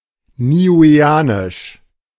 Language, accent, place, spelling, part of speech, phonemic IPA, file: German, Germany, Berlin, niueanisch, adjective, /niːˌuːeːˈaːnɪʃ/, De-niueanisch.ogg
- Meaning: of Niue; Niuean